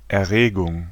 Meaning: 1. excitation 2. arousal, stimulation 3. agitation 4. thrill
- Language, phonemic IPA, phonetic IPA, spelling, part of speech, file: German, /ɛˈʁeːɡʊŋ/, [ʔɛˈʁeːɡʊŋ], Erregung, noun, De-Erregung.ogg